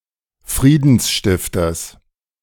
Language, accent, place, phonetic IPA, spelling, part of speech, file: German, Germany, Berlin, [ˈfʁiːdn̩sˌʃtɪftɐs], Friedensstifters, noun, De-Friedensstifters.ogg
- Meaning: genitive singular of Friedensstifter